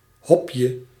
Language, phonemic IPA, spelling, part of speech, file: Dutch, /ˈhɔpjə/, hopje, noun, Nl-hopje.ogg
- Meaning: diminutive of hop